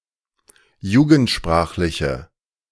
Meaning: inflection of jugendsprachlich: 1. strong/mixed nominative/accusative feminine singular 2. strong nominative/accusative plural 3. weak nominative all-gender singular
- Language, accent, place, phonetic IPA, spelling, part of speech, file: German, Germany, Berlin, [ˈjuːɡn̩tˌʃpʁaːxlɪçə], jugendsprachliche, adjective, De-jugendsprachliche.ogg